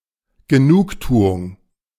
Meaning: 1. satisfaction 2. compensation 3. solatium
- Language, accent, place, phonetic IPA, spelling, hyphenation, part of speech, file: German, Germany, Berlin, [ɡəˈnuːkˌtuːʊŋ], Genugtuung, Ge‧nug‧tu‧ung, noun, De-Genugtuung.ogg